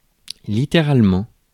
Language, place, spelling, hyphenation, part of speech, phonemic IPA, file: French, Paris, littéralement, li‧tté‧rale‧ment, adverb, /li.te.ʁal.mɑ̃/, Fr-littéralement.ogg
- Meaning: literally